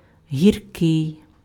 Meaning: bitter
- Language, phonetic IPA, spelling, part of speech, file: Ukrainian, [ɦʲirˈkɪi̯], гіркий, adjective, Uk-гіркий.ogg